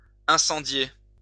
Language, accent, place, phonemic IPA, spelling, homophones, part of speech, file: French, France, Lyon, /ɛ̃.sɑ̃.dje/, incendier, incendiai / incendié / incendiée / incendiées / incendiés / incendiez, verb, LL-Q150 (fra)-incendier.wav
- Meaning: 1. to burn down 2. to roast (criticize severely)